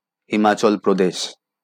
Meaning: Himachal Pradesh (a state in northern India)
- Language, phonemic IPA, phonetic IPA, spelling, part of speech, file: Bengali, /hi.ma.t͡ʃɔl‿pɾɔ.deʃ/, [hi.ma.t͡ʃɔl‿pɾɔ.deʃ], হিমাচল প্রদেশ, proper noun, LL-Q9610 (ben)-হিমাচল প্রদেশ.wav